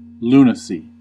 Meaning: The state of being mad, insanity: 1. A cyclical mental disease, apparently linked to the lunar phases 2. Insanity implying legal irresponsibility
- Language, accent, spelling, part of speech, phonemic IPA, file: English, US, lunacy, noun, /ˈluː.nə.si/, En-us-lunacy.ogg